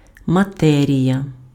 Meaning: 1. matter 2. fabric
- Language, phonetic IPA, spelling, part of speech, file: Ukrainian, [mɐˈtɛrʲijɐ], матерія, noun, Uk-матерія.ogg